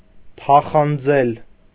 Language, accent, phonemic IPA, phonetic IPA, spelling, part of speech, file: Armenian, Eastern Armenian, /tʰɑχɑnˈd͡zel/, [tʰɑχɑnd͡zél], թախանձել, verb, Hy-թախանձել.ogg
- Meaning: 1. to plead, to beg 2. to bother, pester, importune (with)